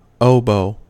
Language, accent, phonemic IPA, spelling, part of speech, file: English, US, /ˈoʊboʊ/, oboe, noun, En-us-oboe.ogg
- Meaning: A soprano and melody wind instrument in the modern orchestra and wind ensemble. It is a smaller instrument and generally made of grenadilla wood. It is a member of the double reed family